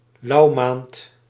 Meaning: January
- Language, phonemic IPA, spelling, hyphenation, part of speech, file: Dutch, /ˈlɑuˌmaːnt/, louwmaand, louw‧maand, noun, Nl-louwmaand.ogg